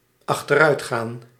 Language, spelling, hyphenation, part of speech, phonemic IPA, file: Dutch, achteruitgaan, ach‧ter‧uit‧gaan, verb, /ɑxtəˈrœy̯txaːn/, Nl-achteruitgaan.ogg
- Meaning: to decline, recede